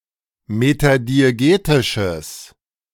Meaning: strong/mixed nominative/accusative neuter singular of metadiegetisch
- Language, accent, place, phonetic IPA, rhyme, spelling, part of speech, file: German, Germany, Berlin, [ˌmetadieˈɡeːtɪʃəs], -eːtɪʃəs, metadiegetisches, adjective, De-metadiegetisches.ogg